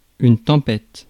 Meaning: storm, tempest
- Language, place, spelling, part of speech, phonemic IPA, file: French, Paris, tempête, noun, /tɑ̃.pɛt/, Fr-tempête.ogg